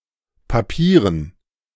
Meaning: dative plural of Papier
- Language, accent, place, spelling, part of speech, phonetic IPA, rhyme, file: German, Germany, Berlin, Papieren, noun, [paˈpiːʁən], -iːʁən, De-Papieren.ogg